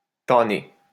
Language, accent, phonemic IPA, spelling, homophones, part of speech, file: French, France, /ta.ne/, tanner, tannai / tanné / tannée / tannées / tannés / tannez, verb, LL-Q150 (fra)-tanner.wav
- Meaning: 1. to tan (in leather-making) 2. to beat physically, whip, thrash 3. to exasperate, annoy, make someone sick of something